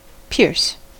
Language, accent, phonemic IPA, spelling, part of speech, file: English, US, /pɪɹs/, pierce, verb / noun, En-us-pierce.ogg
- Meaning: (verb) 1. To puncture; to break through 2. To create a hole in the skin for the purpose of inserting jewelry 3. to break or interrupt abruptly 4. To get to the heart or crux of (a matter)